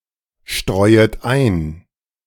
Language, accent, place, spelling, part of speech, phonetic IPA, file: German, Germany, Berlin, streuet ein, verb, [ˌʃtʁɔɪ̯ət ˈaɪ̯n], De-streuet ein.ogg
- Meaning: second-person plural subjunctive I of einstreuen